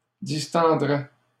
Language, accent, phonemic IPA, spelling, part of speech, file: French, Canada, /dis.tɑ̃.dʁɛ/, distendrait, verb, LL-Q150 (fra)-distendrait.wav
- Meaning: third-person singular conditional of distendre